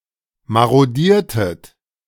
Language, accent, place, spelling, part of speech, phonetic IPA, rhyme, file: German, Germany, Berlin, marodiertet, verb, [ˌmaʁoˈdiːɐ̯tət], -iːɐ̯tət, De-marodiertet.ogg
- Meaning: inflection of marodieren: 1. second-person plural preterite 2. second-person plural subjunctive II